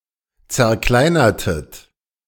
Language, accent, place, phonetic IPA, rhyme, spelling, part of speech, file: German, Germany, Berlin, [t͡sɛɐ̯ˈklaɪ̯nɐtət], -aɪ̯nɐtət, zerkleinertet, verb, De-zerkleinertet.ogg
- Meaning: inflection of zerkleinern: 1. second-person plural preterite 2. second-person plural subjunctive II